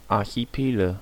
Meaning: nominative/accusative/genitive plural of Archipel
- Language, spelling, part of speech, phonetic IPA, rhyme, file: German, Archipele, noun, [ˌaʁçiˈpeːlə], -eːlə, De-Archipele.ogg